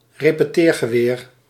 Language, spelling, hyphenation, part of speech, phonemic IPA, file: Dutch, repeteergeweer, re‧pe‧teer‧ge‧weer, noun, /reː.pəˈteːr.ɣəˌʋeːr/, Nl-repeteergeweer.ogg
- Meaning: repeating rifle